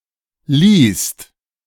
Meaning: second-person singular preterite of leihen
- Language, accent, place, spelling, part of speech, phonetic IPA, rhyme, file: German, Germany, Berlin, liehst, verb, [liːst], -iːst, De-liehst.ogg